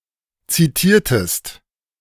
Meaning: inflection of zitieren: 1. second-person singular preterite 2. second-person singular subjunctive II
- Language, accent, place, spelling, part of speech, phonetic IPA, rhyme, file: German, Germany, Berlin, zitiertest, verb, [ˌt͡siˈtiːɐ̯təst], -iːɐ̯təst, De-zitiertest.ogg